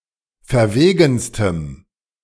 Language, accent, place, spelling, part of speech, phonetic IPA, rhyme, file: German, Germany, Berlin, verwegenstem, adjective, [fɛɐ̯ˈveːɡn̩stəm], -eːɡn̩stəm, De-verwegenstem.ogg
- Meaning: strong dative masculine/neuter singular superlative degree of verwegen